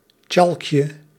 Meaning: diminutive of tjalk
- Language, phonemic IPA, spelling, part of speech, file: Dutch, /ˈcɑlᵊkjə/, tjalkje, noun, Nl-tjalkje.ogg